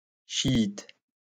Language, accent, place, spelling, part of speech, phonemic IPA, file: French, France, Lyon, chiite, adjective / noun, /ʃi.it/, LL-Q150 (fra)-chiite.wav
- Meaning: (adjective) Shiite